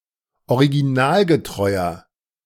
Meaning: inflection of originalgetreu: 1. strong/mixed nominative masculine singular 2. strong genitive/dative feminine singular 3. strong genitive plural
- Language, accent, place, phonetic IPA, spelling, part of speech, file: German, Germany, Berlin, [oʁiɡiˈnaːlɡəˌtʁɔɪ̯ɐ], originalgetreuer, adjective, De-originalgetreuer.ogg